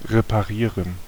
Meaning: to repair
- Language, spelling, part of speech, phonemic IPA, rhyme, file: German, reparieren, verb, /ʁepaˈʁiːʁən/, -iːʁən, De-reparieren.ogg